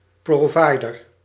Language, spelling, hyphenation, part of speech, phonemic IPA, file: Dutch, provider, pro‧vi‧der, noun, /ˌproːˈvɑi̯.dər/, Nl-provider.ogg
- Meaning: an Internet or telephone provider